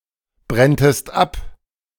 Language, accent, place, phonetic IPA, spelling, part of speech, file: German, Germany, Berlin, [ˌbʁɛntəst ˈap], brenntest ab, verb, De-brenntest ab.ogg
- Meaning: second-person singular subjunctive II of abbrennen